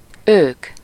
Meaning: 1. they (a group of people previously mentioned) 2. they (a group of animals, plants, or things previously mentioned)
- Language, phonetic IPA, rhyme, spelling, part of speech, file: Hungarian, [ˈøːk], -øːk, ők, pronoun, Hu-ők.ogg